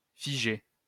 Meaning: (verb) past participle of figer; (adjective) 1. frozen 2. fixed 3. lifeless; motionless
- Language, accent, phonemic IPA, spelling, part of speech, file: French, France, /fi.ʒe/, figé, verb / adjective, LL-Q150 (fra)-figé.wav